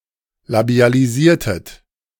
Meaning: inflection of labialisieren: 1. second-person plural preterite 2. second-person plural subjunctive II
- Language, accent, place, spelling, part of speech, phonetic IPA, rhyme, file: German, Germany, Berlin, labialisiertet, verb, [labi̯aliˈziːɐ̯tət], -iːɐ̯tət, De-labialisiertet.ogg